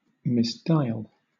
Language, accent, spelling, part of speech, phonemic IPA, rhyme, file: English, Southern England, misdial, verb, /mɪsˈdaɪəl/, -aɪəl, LL-Q1860 (eng)-misdial.wav
- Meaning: To dial or use a keypad incorrectly, especially on a telephone